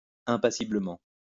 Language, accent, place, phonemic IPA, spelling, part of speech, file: French, France, Lyon, /ɛ̃.pa.si.blə.mɑ̃/, impassiblement, adverb, LL-Q150 (fra)-impassiblement.wav
- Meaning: impassibly